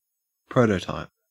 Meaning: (noun) An original form or object which is a basis for other forms or objects (particularly manufactured items), or for its generalizations and models
- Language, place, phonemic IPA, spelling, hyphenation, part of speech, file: English, Queensland, /ˈpɹəʉtətɑep/, prototype, pro‧to‧type, noun / verb, En-au-prototype.ogg